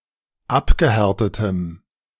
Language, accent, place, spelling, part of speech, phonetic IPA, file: German, Germany, Berlin, abgehärtetem, adjective, [ˈapɡəˌhɛʁtətəm], De-abgehärtetem.ogg
- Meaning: strong dative masculine/neuter singular of abgehärtet